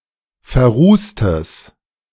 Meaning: strong/mixed nominative/accusative neuter singular of verrußt
- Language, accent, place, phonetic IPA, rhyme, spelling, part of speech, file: German, Germany, Berlin, [fɛɐ̯ˈʁuːstəs], -uːstəs, verrußtes, adjective, De-verrußtes.ogg